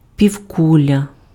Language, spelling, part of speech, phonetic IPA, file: Ukrainian, півкуля, noun, [pʲiu̯ˈkulʲɐ], Uk-півкуля.ogg
- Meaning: hemisphere